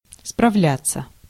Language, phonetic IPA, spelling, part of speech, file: Russian, [sprɐˈvlʲat͡sːə], справляться, verb, Ru-справляться.ogg
- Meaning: 1. to cope (with), to deal (with), to handle, to manage, to overcome 2. to enquire/inquire (after, about), to ask (about), to look up, to consult 3. to reference, to compare, to check